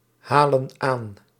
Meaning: inflection of aanhalen: 1. plural present indicative 2. plural present subjunctive
- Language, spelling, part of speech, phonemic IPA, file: Dutch, halen aan, verb, /ˈhalə(n) ˈan/, Nl-halen aan.ogg